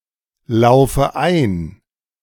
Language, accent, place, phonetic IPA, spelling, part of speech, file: German, Germany, Berlin, [ˌlaʊ̯fə ˈaɪ̯n], laufe ein, verb, De-laufe ein.ogg
- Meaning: inflection of einlaufen: 1. first-person singular present 2. first/third-person singular subjunctive I 3. singular imperative